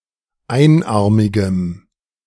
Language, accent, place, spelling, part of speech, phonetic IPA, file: German, Germany, Berlin, einarmigem, adjective, [ˈaɪ̯nˌʔaʁmɪɡəm], De-einarmigem.ogg
- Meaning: strong dative masculine/neuter singular of einarmig